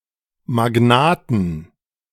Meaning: 1. genitive singular of Magnat 2. plural of Magnat
- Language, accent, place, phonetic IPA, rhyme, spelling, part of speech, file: German, Germany, Berlin, [maˈɡnaːtn̩], -aːtn̩, Magnaten, noun, De-Magnaten.ogg